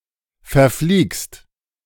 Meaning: second-person singular present of verfliegen
- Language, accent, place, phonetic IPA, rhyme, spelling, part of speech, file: German, Germany, Berlin, [fɛɐ̯ˈfliːkst], -iːkst, verfliegst, verb, De-verfliegst.ogg